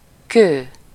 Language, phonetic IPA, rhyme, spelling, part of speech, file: Hungarian, [ˈkøː], -køː, kő, noun / verb, Hu-kő.ogg
- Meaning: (noun) stone; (verb) alternative form of kell (“to be necessary”)